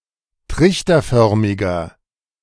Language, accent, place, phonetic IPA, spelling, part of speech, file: German, Germany, Berlin, [ˈtʁɪçtɐˌfœʁmɪɡɐ], trichterförmiger, adjective, De-trichterförmiger.ogg
- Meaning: 1. comparative degree of trichterförmig 2. inflection of trichterförmig: strong/mixed nominative masculine singular 3. inflection of trichterförmig: strong genitive/dative feminine singular